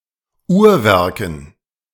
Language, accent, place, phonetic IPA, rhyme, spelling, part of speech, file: German, Germany, Berlin, [ˈuːɐ̯ˌvɛʁkn̩], -uːɐ̯vɛʁkn̩, Uhrwerken, noun, De-Uhrwerken.ogg
- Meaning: dative plural of Uhrwerk